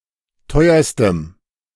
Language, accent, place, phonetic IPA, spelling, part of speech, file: German, Germany, Berlin, [ˈtɔɪ̯ɐstəm], teuerstem, adjective, De-teuerstem.ogg
- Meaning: strong dative masculine/neuter singular superlative degree of teuer